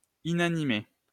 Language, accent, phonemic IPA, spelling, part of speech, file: French, France, /i.na.ni.me/, inanimé, adjective, LL-Q150 (fra)-inanimé.wav
- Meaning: 1. unconscious 2. lifeless 3. inanimate